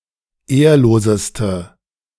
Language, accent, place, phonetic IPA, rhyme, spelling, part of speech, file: German, Germany, Berlin, [ˈeːɐ̯loːzəstə], -eːɐ̯loːzəstə, ehrloseste, adjective, De-ehrloseste.ogg
- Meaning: inflection of ehrlos: 1. strong/mixed nominative/accusative feminine singular superlative degree 2. strong nominative/accusative plural superlative degree